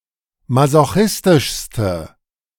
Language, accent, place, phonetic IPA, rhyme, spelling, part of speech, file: German, Germany, Berlin, [mazoˈxɪstɪʃstə], -ɪstɪʃstə, masochistischste, adjective, De-masochistischste.ogg
- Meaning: inflection of masochistisch: 1. strong/mixed nominative/accusative feminine singular superlative degree 2. strong nominative/accusative plural superlative degree